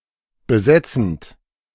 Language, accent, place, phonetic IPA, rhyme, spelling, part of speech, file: German, Germany, Berlin, [bəˈzɛt͡sn̩t], -ɛt͡sn̩t, besetzend, verb, De-besetzend.ogg
- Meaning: present participle of besetzen